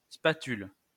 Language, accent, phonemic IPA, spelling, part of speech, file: French, France, /spa.tyl/, spatule, noun, LL-Q150 (fra)-spatule.wav
- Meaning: 1. spatula (kitchen utensil) 2. spoonbill (wading bird) 3. ski